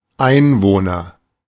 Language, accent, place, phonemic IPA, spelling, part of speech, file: German, Germany, Berlin, /ˈaɪ̯nˌvoːnər/, Einwohner, noun, De-Einwohner.ogg
- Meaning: inhabitant (anyone who lives or dwells in something, especially a country, region, settlement)